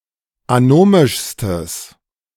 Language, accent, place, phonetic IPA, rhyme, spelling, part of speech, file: German, Germany, Berlin, [aˈnoːmɪʃstəs], -oːmɪʃstəs, anomischstes, adjective, De-anomischstes.ogg
- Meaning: strong/mixed nominative/accusative neuter singular superlative degree of anomisch